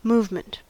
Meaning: 1. Physical motion between points in space 2. A system or mechanism for transmitting motion of a definite character, or for transforming motion, such as the wheelwork of a watch
- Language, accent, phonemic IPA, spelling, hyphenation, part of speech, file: English, US, /ˈmuːv.mənt/, movement, move‧ment, noun, En-us-movement.ogg